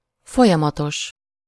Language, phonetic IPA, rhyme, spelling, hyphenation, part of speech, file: Hungarian, [ˈfojɒmɒtoʃ], -oʃ, folyamatos, fo‧lya‧ma‧tos, adjective, Hu-folyamatos.ogg
- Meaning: 1. continuous (without break, cessation, or interruption in time) 2. continuous (expressing an ongoing action or state)